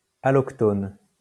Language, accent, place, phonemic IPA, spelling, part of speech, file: French, France, Lyon, /a.lɔk.tɔn/, allochtone, adjective / noun, LL-Q150 (fra)-allochtone.wav
- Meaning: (adjective) allochthonous; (noun) a non-native person, a foreign-born person, a foreigner